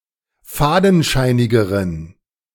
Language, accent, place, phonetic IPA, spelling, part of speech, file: German, Germany, Berlin, [ˈfaːdn̩ˌʃaɪ̯nɪɡəʁən], fadenscheinigeren, adjective, De-fadenscheinigeren.ogg
- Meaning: inflection of fadenscheinig: 1. strong genitive masculine/neuter singular comparative degree 2. weak/mixed genitive/dative all-gender singular comparative degree